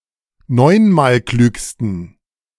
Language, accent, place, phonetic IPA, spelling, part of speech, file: German, Germany, Berlin, [ˈnɔɪ̯nmaːlˌklyːkstn̩], neunmalklügsten, adjective, De-neunmalklügsten.ogg
- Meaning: superlative degree of neunmalklug